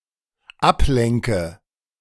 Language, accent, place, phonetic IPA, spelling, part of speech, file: German, Germany, Berlin, [ˈapˌlɛŋkə], ablenke, verb, De-ablenke.ogg
- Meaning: inflection of ablenken: 1. first-person singular dependent present 2. first/third-person singular dependent subjunctive I